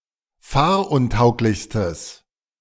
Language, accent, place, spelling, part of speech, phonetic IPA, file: German, Germany, Berlin, fahruntauglichstes, adjective, [ˈfaːɐ̯ʔʊnˌtaʊ̯klɪçstəs], De-fahruntauglichstes.ogg
- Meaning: strong/mixed nominative/accusative neuter singular superlative degree of fahruntauglich